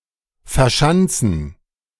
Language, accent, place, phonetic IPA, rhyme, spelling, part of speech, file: German, Germany, Berlin, [fɛɐ̯ˈʃant͡sn̩], -ant͡sn̩, verschanzen, verb, De-verschanzen.ogg
- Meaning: to barricade